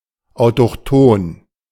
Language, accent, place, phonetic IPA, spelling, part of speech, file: German, Germany, Berlin, [aʊ̯tɔxˈtoːn], autochthon, adjective, De-autochthon.ogg
- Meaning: autochthonous (native to the place where found)